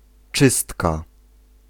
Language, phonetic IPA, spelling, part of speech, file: Polish, [ˈt͡ʃɨstka], czystka, noun, Pl-czystka.ogg